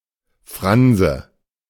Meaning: fringe
- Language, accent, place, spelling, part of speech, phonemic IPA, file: German, Germany, Berlin, Franse, noun, /ˈfʁanzə/, De-Franse.ogg